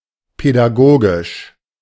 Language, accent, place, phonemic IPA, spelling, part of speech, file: German, Germany, Berlin, /pɛdaˈɡoːɡɪʃ/, pädagogisch, adjective, De-pädagogisch.ogg
- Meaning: pedagogical